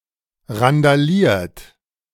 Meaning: 1. past participle of randalieren 2. inflection of randalieren: second-person plural present 3. inflection of randalieren: third-person singular present 4. inflection of randalieren: plural imperative
- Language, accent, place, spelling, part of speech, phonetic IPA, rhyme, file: German, Germany, Berlin, randaliert, verb, [ʁandaˈliːɐ̯t], -iːɐ̯t, De-randaliert.ogg